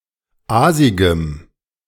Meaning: strong dative masculine/neuter singular of aasig
- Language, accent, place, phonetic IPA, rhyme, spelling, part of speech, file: German, Germany, Berlin, [ˈaːzɪɡəm], -aːzɪɡəm, aasigem, adjective, De-aasigem.ogg